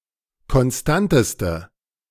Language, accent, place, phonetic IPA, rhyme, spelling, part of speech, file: German, Germany, Berlin, [kɔnˈstantəstə], -antəstə, konstanteste, adjective, De-konstanteste.ogg
- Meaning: inflection of konstant: 1. strong/mixed nominative/accusative feminine singular superlative degree 2. strong nominative/accusative plural superlative degree